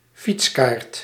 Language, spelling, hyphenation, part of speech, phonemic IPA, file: Dutch, fietskaart, fiets‧kaart, noun, /ˈfits.kaːrt/, Nl-fietskaart.ogg
- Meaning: 1. cycling map (roadmap with relevant information for cyclists) 2. ticket or voucher allowing one to bring a bicycle along (chiefly in public transport)